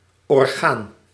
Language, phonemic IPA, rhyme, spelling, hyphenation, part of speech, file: Dutch, /ɔrˈɣaːn/, -aːn, orgaan, or‧gaan, noun, Nl-orgaan.ogg
- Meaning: 1. organ (part of an organism) 2. mouthpiece, a spokesperson or medium aligned with an organisation 3. public body, a public board, an organisation 4. organ (musical instrument)